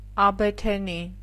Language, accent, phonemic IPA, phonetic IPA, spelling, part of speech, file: Armenian, Eastern Armenian, /ɑbetʰeˈni/, [ɑbetʰení], աբեթենի, noun, Hy-աբեթենի.ogg
- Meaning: synonym of աբեթասունկ (abetʻasunk)